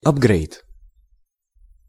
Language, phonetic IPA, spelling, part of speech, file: Russian, [ɐbˈɡrɛjt], апгрейд, noun, Ru-апгрейд.ogg
- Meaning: upgrade (an improved component or replacement item)